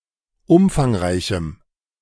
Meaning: strong dative masculine/neuter singular of umfangreich
- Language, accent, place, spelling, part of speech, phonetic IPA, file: German, Germany, Berlin, umfangreichem, adjective, [ˈʊmfaŋˌʁaɪ̯çm̩], De-umfangreichem.ogg